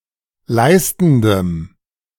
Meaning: strong dative masculine/neuter singular of leistend
- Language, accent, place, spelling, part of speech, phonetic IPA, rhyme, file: German, Germany, Berlin, leistendem, adjective, [ˈlaɪ̯stn̩dəm], -aɪ̯stn̩dəm, De-leistendem.ogg